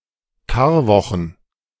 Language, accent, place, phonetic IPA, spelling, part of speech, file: German, Germany, Berlin, [ˈkaːɐ̯ˌvɔxn̩], Karwochen, noun, De-Karwochen.ogg
- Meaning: plural of Karwoche